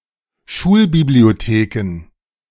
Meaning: plural of Schulbibliothek
- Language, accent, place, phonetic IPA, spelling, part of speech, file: German, Germany, Berlin, [ˈʃuːlbiblioˌteːkn̩], Schulbibliotheken, noun, De-Schulbibliotheken.ogg